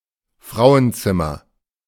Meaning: lady, woman; (archaic) dame, wench
- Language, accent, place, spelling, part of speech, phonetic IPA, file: German, Germany, Berlin, Frauenzimmer, noun, [ˈfʁaʊ̯ənˌtsɪmɐ], De-Frauenzimmer.ogg